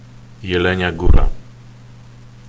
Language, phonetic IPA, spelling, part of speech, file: Polish, [jɛˈlɛ̃ɲa ˈɡura], Jelenia Góra, proper noun, Pl-Jelenia Góra.ogg